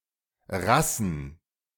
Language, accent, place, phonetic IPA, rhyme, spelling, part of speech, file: German, Germany, Berlin, [ˈʁasn̩], -asn̩, Rassen, noun, De-Rassen.ogg
- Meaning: plural of Rasse